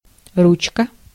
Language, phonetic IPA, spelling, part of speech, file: Russian, [ˈrut͡ɕkə], ручка, noun, Ru-ручка.ogg
- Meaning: 1. diminutive of рука́ (ruká): small hand 2. handle, crank 3. knob 4. grip 5. chair arm 6. lever (for controlling a mechanical device) 7. pen (writing instrument) 8. pen holder